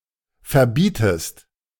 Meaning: inflection of verbieten: 1. second-person singular present 2. second-person singular subjunctive I
- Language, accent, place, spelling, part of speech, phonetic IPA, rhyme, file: German, Germany, Berlin, verbietest, verb, [fɛɐ̯ˈbiːtəst], -iːtəst, De-verbietest.ogg